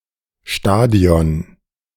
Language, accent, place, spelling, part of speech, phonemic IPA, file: German, Germany, Berlin, Stadion, noun, /ˈʃtaːdi̯ɔn/, De-Stadion2.ogg
- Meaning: 1. stadium (venue for sporting events) 2. stadion (Ancient Greek unit of length)